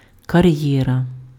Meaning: career (one's calling in life; a person's occupation)
- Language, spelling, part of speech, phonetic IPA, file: Ukrainian, кар'єра, noun, [kɐˈrjɛrɐ], Uk-кар'єра.ogg